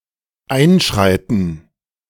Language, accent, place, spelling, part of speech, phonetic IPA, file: German, Germany, Berlin, einschreiten, verb, [ˈʔaɪ̯nˌʃʁaɪ̯tn̩], De-einschreiten.ogg
- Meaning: to intervene, to interfere, to step in